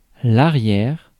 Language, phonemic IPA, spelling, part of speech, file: French, /a.ʁjɛʁ/, arrière, noun / adverb / adjective, Fr-arrière.ogg
- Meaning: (noun) 1. back; rear 2. fullback 3. shooting guard; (adverb) 1. far, far away 2. late 3. rear, behind, hinter- 4. great- (relatives); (adjective) back (near the rear)